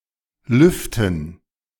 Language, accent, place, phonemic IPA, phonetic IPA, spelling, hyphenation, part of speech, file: German, Germany, Berlin, /ˈlʏftən/, [ˈlʏftn̩], Lüften, Lüf‧ten, noun, De-Lüften.ogg
- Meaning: 1. gerund of lüften 2. dative plural of Luft